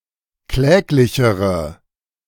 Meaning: inflection of kläglich: 1. strong/mixed nominative/accusative feminine singular comparative degree 2. strong nominative/accusative plural comparative degree
- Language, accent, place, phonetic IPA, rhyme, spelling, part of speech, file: German, Germany, Berlin, [ˈklɛːklɪçəʁə], -ɛːklɪçəʁə, kläglichere, adjective, De-kläglichere.ogg